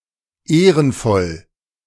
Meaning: honourable
- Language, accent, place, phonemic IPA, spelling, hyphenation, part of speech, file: German, Germany, Berlin, /ˈeːʁən(ˌ)fɔl/, ehrenvoll, eh‧ren‧voll, adjective, De-ehrenvoll.ogg